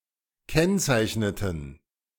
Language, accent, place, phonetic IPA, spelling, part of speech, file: German, Germany, Berlin, [ˈkɛnt͡saɪ̯çnətn̩], kennzeichneten, verb, De-kennzeichneten.ogg
- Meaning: inflection of kennzeichnen: 1. first/third-person plural preterite 2. first/third-person plural subjunctive II